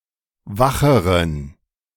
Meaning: inflection of wach: 1. strong genitive masculine/neuter singular comparative degree 2. weak/mixed genitive/dative all-gender singular comparative degree
- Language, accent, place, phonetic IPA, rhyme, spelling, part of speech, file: German, Germany, Berlin, [ˈvaxəʁən], -axəʁən, wacheren, adjective, De-wacheren.ogg